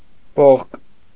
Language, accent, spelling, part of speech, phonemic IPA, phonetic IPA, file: Armenian, Eastern Armenian, բողկ, noun, /boχk/, [boχk], Hy-բողկ.ogg
- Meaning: radish